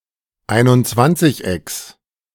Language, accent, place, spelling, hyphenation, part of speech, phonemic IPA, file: German, Germany, Berlin, Einundzwanzigecks, Ein‧und‧zwanzig‧ecks, noun, /ˌaɪ̯nʊntˈt͡svant͡sɪçˌ.ɛks/, De-Einundzwanzigecks.ogg
- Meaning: genitive singular of Einundzwanzigeck